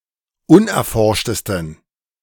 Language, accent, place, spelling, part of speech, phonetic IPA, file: German, Germany, Berlin, unerforschtesten, adjective, [ˈʊnʔɛɐ̯ˌfɔʁʃtəstn̩], De-unerforschtesten.ogg
- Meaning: 1. superlative degree of unerforscht 2. inflection of unerforscht: strong genitive masculine/neuter singular superlative degree